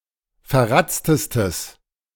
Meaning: strong/mixed nominative/accusative neuter singular superlative degree of verratzt
- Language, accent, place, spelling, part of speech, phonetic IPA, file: German, Germany, Berlin, verratztestes, adjective, [fɛɐ̯ˈʁat͡stəstəs], De-verratztestes.ogg